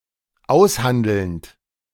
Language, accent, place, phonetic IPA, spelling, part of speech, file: German, Germany, Berlin, [ˈaʊ̯sˌhandl̩nt], aushandelnd, verb, De-aushandelnd.ogg
- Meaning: present participle of aushandeln